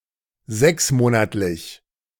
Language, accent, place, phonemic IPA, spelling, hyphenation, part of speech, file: German, Germany, Berlin, /ˈzɛksˌmoːnatlɪç/, sechsmonatlich, sechs‧mo‧nat‧lich, adjective, De-sechsmonatlich.ogg
- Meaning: six-monthly (occurring once every six months)